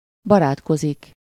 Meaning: to make friends (with someone -val/-vel) (to form friendships with others)
- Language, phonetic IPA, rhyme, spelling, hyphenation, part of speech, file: Hungarian, [ˈbɒraːtkozik], -ozik, barátkozik, ba‧rát‧ko‧zik, verb, Hu-barátkozik.ogg